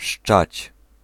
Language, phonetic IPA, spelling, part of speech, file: Polish, [ʃt͡ʃat͡ɕ], szczać, verb, Pl-szczać.ogg